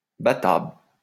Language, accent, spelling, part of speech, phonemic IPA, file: French, France, battable, adjective, /ba.tabl/, LL-Q150 (fra)-battable.wav
- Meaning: beatable (able to be beaten)